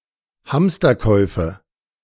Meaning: nominative/accusative/genitive plural of Hamsterkauf
- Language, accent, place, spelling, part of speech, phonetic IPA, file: German, Germany, Berlin, Hamsterkäufe, noun, [ˈhamstɐˌkɔɪ̯fə], De-Hamsterkäufe.ogg